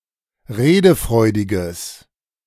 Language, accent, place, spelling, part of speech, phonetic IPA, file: German, Germany, Berlin, redefreudiges, adjective, [ˈʁeːdəˌfʁɔɪ̯dɪɡəs], De-redefreudiges.ogg
- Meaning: strong/mixed nominative/accusative neuter singular of redefreudig